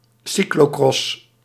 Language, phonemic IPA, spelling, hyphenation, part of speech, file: Dutch, /ˈsi.kloːˌkrɔs/, cyclocross, cy‧clo‧cross, noun, Nl-cyclocross.ogg
- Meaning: cyclocross